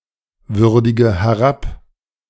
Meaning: inflection of herabwürdigen: 1. first-person singular present 2. first/third-person singular subjunctive I 3. singular imperative
- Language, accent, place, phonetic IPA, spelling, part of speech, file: German, Germany, Berlin, [ˌvʏʁdɪɡə hɛˈʁap], würdige herab, verb, De-würdige herab.ogg